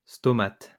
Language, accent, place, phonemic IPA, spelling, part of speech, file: French, France, Lyon, /stɔ.mat/, stomate, noun, LL-Q150 (fra)-stomate.wav
- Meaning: stoma